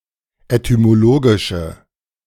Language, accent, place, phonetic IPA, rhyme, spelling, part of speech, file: German, Germany, Berlin, [etymoˈloːɡɪʃə], -oːɡɪʃə, etymologische, adjective, De-etymologische.ogg
- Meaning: inflection of etymologisch: 1. strong/mixed nominative/accusative feminine singular 2. strong nominative/accusative plural 3. weak nominative all-gender singular